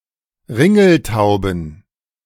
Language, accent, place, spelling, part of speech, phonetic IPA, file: German, Germany, Berlin, Ringeltauben, noun, [ˈʁɪŋl̩ˌtaʊ̯bn̩], De-Ringeltauben.ogg
- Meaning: plural of Ringeltaube